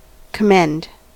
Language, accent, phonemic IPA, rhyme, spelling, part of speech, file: English, US, /kəˈmɛnd/, -ɛnd, commend, verb / noun, En-us-commend.ogg
- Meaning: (verb) 1. To congratulate or reward 2. To praise or acclaim 3. To entrust or commit to the care of someone else 4. To mention by way of courtesy, implying remembrance and goodwill; give regards from